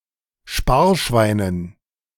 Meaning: dative plural of Sparschwein
- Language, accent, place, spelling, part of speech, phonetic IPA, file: German, Germany, Berlin, Sparschweinen, noun, [ˈʃpaːɐ̯ˌʃvaɪ̯nən], De-Sparschweinen.ogg